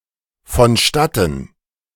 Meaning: only used in vonstattengehen
- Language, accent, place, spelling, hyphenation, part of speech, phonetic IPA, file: German, Germany, Berlin, vonstatten, von‧stat‧ten, adverb, [fɔnˈʃtatn̩], De-vonstatten.ogg